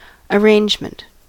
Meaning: 1. The act of arranging 2. The manner of being arranged 3. A collection of things that have been arranged 4. A particular way in which items are organized 5. Preparations for some undertaking
- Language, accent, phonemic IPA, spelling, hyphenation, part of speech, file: English, US, /əˈɹeɪnd͡ʒmənt/, arrangement, ar‧range‧ment, noun, En-us-arrangement.ogg